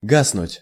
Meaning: 1. to go out (of light, fire) 2. to die away
- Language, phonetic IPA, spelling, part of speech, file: Russian, [ˈɡasnʊtʲ], гаснуть, verb, Ru-гаснуть.ogg